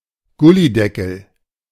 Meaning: 1. covering of a road drain, gully 2. synonym of Kanaldeckel (“manhole cover”)
- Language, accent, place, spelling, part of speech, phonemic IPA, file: German, Germany, Berlin, Gullydeckel, noun, /ˈɡʊliˌdɛkl̩/, De-Gullydeckel.ogg